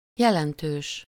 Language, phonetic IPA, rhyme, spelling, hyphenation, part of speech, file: Hungarian, [ˈjɛlɛntøːʃ], -øːʃ, jelentős, je‧len‧tős, adjective, Hu-jelentős.ogg
- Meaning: significant